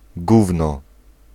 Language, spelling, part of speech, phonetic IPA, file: Polish, gówno, noun, [ˈɡuvnɔ], Pl-gówno.ogg